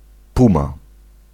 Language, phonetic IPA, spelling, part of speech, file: Polish, [ˈpũma], puma, noun, Pl-puma.ogg